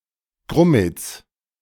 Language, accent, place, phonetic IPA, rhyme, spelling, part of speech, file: German, Germany, Berlin, [ˈɡʁʊmət͡s], -ʊmət͡s, Grummets, noun, De-Grummets.ogg
- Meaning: 1. genitive singular of Grummet (“aftergrass”) 2. inflection of Grummet (“grommet”): genitive singular 3. inflection of Grummet (“grommet”): nominative/genitive/dative/accusative plural